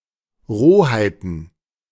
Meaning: plural of Rohheit
- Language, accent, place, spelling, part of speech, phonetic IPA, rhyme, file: German, Germany, Berlin, Rohheiten, noun, [ˈʁoːhaɪ̯tn̩], -oːhaɪ̯tn̩, De-Rohheiten.ogg